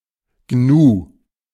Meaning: gnu
- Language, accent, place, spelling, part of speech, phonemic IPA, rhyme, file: German, Germany, Berlin, Gnu, noun, /ɡnuː/, -uː, De-Gnu.ogg